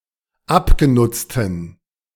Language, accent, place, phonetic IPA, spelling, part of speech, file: German, Germany, Berlin, [ˈapɡeˌnʊt͡stn̩], abgenutzten, adjective, De-abgenutzten.ogg
- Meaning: inflection of abgenutzt: 1. strong genitive masculine/neuter singular 2. weak/mixed genitive/dative all-gender singular 3. strong/weak/mixed accusative masculine singular 4. strong dative plural